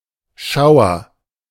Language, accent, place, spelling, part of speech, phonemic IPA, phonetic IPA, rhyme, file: German, Germany, Berlin, Schauer, noun, /ˈʃaʊ̯ər/, [ˈʃaʊ̯.ɐ], -aʊ̯ɐ, De-Schauer.ogg
- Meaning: 1. shower (brief period of precipitation) 2. shower (instance of something bursting forth like a rainshower) 3. shudder, shiver, sudden thrill 4. roof or open shed for taking shelter